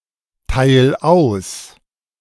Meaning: 1. singular imperative of austeilen 2. first-person singular present of austeilen
- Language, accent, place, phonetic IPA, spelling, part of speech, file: German, Germany, Berlin, [ˌtaɪ̯l ˈaʊ̯s], teil aus, verb, De-teil aus.ogg